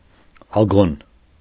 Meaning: synonym of մրցահանդես (mrcʻahandes)
- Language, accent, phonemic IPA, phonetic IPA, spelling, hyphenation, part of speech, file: Armenian, Eastern Armenian, /ɑˈɡon/, [ɑɡón], ագոն, ա‧գոն, noun, Hy-ագոն.ogg